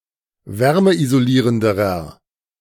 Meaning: inflection of wärmeisolierend: 1. strong/mixed nominative masculine singular comparative degree 2. strong genitive/dative feminine singular comparative degree
- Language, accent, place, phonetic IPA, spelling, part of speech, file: German, Germany, Berlin, [ˈvɛʁməʔizoˌliːʁəndəʁɐ], wärmeisolierenderer, adjective, De-wärmeisolierenderer.ogg